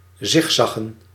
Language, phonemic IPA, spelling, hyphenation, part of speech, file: Dutch, /ˈzɪxˌzɑ.ɣə(n)/, zigzaggen, zig‧zag‧gen, verb, Nl-zigzaggen.ogg
- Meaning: to zigzag